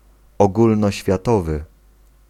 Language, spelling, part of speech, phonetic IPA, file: Polish, ogólnoświatowy, adjective, [ˌɔɡulnɔɕfʲjaˈtɔvɨ], Pl-ogólnoświatowy.ogg